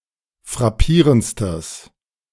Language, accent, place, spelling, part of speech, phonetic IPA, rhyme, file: German, Germany, Berlin, frappierendstes, adjective, [fʁaˈpiːʁənt͡stəs], -iːʁənt͡stəs, De-frappierendstes.ogg
- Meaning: strong/mixed nominative/accusative neuter singular superlative degree of frappierend